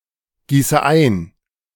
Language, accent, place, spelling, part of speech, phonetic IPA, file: German, Germany, Berlin, gieße ein, verb, [ˌɡiːsə ˈaɪ̯n], De-gieße ein.ogg
- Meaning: inflection of eingießen: 1. first-person singular present 2. first/third-person singular subjunctive I 3. singular imperative